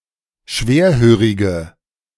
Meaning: inflection of schwerhörig: 1. strong/mixed nominative/accusative feminine singular 2. strong nominative/accusative plural 3. weak nominative all-gender singular
- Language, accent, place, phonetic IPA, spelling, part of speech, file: German, Germany, Berlin, [ˈʃveːɐ̯ˌhøːʁɪɡə], schwerhörige, adjective, De-schwerhörige.ogg